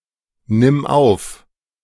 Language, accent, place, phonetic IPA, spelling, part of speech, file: German, Germany, Berlin, [nɪm ˈaʊ̯f], nimm auf, verb, De-nimm auf.ogg
- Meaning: singular imperative of aufnehmen